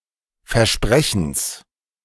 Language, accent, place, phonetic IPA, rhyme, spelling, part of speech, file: German, Germany, Berlin, [fɛɐ̯ˈʃpʁɛçn̩s], -ɛçn̩s, Versprechens, noun, De-Versprechens.ogg
- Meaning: genitive singular of Versprechen